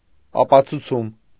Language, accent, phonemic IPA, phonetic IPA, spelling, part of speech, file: Armenian, Eastern Armenian, /ɑpɑt͡sʰuˈt͡sʰum/, [ɑpɑt͡sʰut͡sʰúm], ապացուցում, proper noun, Hy-ապացուցում.ogg
- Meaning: demonstration, act of proving